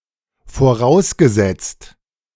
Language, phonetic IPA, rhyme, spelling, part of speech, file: German, [foˈʁaʊ̯sɡəˌzɛt͡st], -aʊ̯sɡəzɛt͡st, vorausgesetzt, verb, De-vorausgesetzt.ogg
- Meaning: past participle of voraussetzen